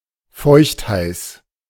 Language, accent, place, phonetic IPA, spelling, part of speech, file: German, Germany, Berlin, [ˈfɔɪ̯çtˌhaɪ̯s], feuchtheiß, adjective, De-feuchtheiß.ogg
- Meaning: hot and humid